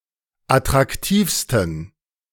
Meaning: 1. superlative degree of attraktiv 2. inflection of attraktiv: strong genitive masculine/neuter singular superlative degree
- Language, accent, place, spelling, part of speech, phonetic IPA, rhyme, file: German, Germany, Berlin, attraktivsten, adjective, [atʁakˈtiːfstn̩], -iːfstn̩, De-attraktivsten.ogg